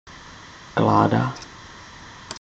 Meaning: 1. log 2. cold temperature 3. cock (penis)
- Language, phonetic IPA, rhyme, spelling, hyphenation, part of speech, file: Czech, [ˈklaːda], -aːda, kláda, klá‧da, noun, Cs-kláda.ogg